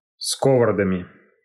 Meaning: instrumental plural of сковорода́ (skovorodá)
- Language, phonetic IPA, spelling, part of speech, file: Russian, [skəvərɐˈdamʲɪ], сковородами, noun, Ru-ско́вородами.ogg